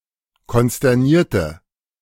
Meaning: inflection of konsterniert: 1. strong/mixed nominative/accusative feminine singular 2. strong nominative/accusative plural 3. weak nominative all-gender singular
- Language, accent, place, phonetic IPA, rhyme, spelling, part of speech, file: German, Germany, Berlin, [kɔnstɛʁˈniːɐ̯tə], -iːɐ̯tə, konsternierte, adjective / verb, De-konsternierte.ogg